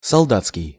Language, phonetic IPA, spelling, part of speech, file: Russian, [sɐɫˈdat͡skʲɪj], солдатский, adjective, Ru-солдатский.ogg
- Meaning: soldier’s